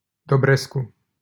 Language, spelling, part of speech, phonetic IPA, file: Romanian, Dobrescu, proper noun, [doˈbresku], LL-Q7913 (ron)-Dobrescu.wav
- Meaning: a surname